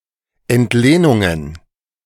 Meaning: plural of Entlehnung
- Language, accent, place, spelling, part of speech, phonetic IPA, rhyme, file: German, Germany, Berlin, Entlehnungen, noun, [ɛntˈleːnʊŋən], -eːnʊŋən, De-Entlehnungen.ogg